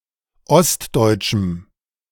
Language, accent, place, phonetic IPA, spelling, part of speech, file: German, Germany, Berlin, [ˈɔstˌdɔɪ̯tʃm̩], ostdeutschem, adjective, De-ostdeutschem.ogg
- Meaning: strong dative masculine/neuter singular of ostdeutsch